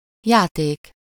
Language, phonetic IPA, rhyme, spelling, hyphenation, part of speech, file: Hungarian, [ˈjaːteːk], -eːk, játék, já‧ték, noun, Hu-játék.ogg
- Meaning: 1. toy (something to play with) 2. game (playful or competitive activity) 3. game (one’s manner, style, or performance in playing a game)